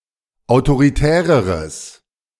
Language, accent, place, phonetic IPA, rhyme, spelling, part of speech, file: German, Germany, Berlin, [aʊ̯toʁiˈtɛːʁəʁəs], -ɛːʁəʁəs, autoritäreres, adjective, De-autoritäreres.ogg
- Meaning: strong/mixed nominative/accusative neuter singular comparative degree of autoritär